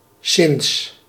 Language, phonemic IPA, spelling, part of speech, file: Dutch, /sɪn(t)s/, sinds, conjunction / preposition, Nl-sinds.ogg
- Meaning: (conjunction) since